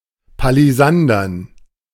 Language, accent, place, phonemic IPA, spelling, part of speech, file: German, Germany, Berlin, /paliˈzandɐn/, palisandern, adjective, De-palisandern.ogg
- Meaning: pallisander